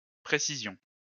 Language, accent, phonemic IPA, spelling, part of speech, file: French, France, /pʁe.si.zjɔ̃/, précision, noun, LL-Q150 (fra)-précision.wav
- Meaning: 1. precision 2. detail(s); supplementary information for clarification